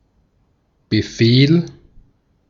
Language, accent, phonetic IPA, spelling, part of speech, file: German, Austria, [bəˈfeːl], Befehl, noun, De-at-Befehl.ogg
- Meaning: 1. command, order 2. command